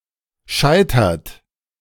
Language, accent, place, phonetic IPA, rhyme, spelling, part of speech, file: German, Germany, Berlin, [ˈʃaɪ̯tɐt], -aɪ̯tɐt, scheitert, verb, De-scheitert.ogg
- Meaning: inflection of scheitern: 1. third-person singular present 2. second-person plural present 3. plural imperative